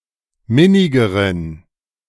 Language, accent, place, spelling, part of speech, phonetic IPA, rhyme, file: German, Germany, Berlin, minnigeren, adjective, [ˈmɪnɪɡəʁən], -ɪnɪɡəʁən, De-minnigeren.ogg
- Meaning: inflection of minnig: 1. strong genitive masculine/neuter singular comparative degree 2. weak/mixed genitive/dative all-gender singular comparative degree